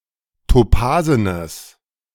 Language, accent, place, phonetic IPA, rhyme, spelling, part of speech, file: German, Germany, Berlin, [toˈpaːzənəs], -aːzənəs, topasenes, adjective, De-topasenes.ogg
- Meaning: strong/mixed nominative/accusative neuter singular of topasen